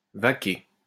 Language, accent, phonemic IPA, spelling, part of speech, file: French, France, /va.ke/, vaquer, verb, LL-Q150 (fra)-vaquer.wav
- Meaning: 1. to vacate 2. to discontinue 3. to busy oneself with, to be occupied with 4. to scurry about looking for food 5. to get down to business